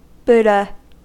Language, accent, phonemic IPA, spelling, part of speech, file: English, US, /ˈbudə/, Buddha, proper noun / noun, En-us-buddha.ogg
- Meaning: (proper noun) Siddhartha Gautama, ancient Indian philosopher and teacher who founded Buddhism; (noun) Any other person considered similarly enlightened